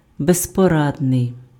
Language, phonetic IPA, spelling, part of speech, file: Ukrainian, [bezpɔˈradnei̯], безпорадний, adjective, Uk-безпорадний.ogg
- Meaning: helpless (unable to act without help)